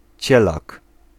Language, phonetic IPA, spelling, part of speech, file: Polish, [ˈt͡ɕɛlak], cielak, noun, Pl-cielak.ogg